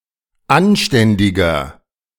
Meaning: 1. comparative degree of anständig 2. inflection of anständig: strong/mixed nominative masculine singular 3. inflection of anständig: strong genitive/dative feminine singular
- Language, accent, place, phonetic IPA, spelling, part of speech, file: German, Germany, Berlin, [ˈanˌʃtɛndɪɡɐ], anständiger, adjective, De-anständiger.ogg